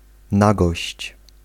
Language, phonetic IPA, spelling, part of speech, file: Polish, [ˈnaɡɔɕt͡ɕ], nagość, noun, Pl-nagość.ogg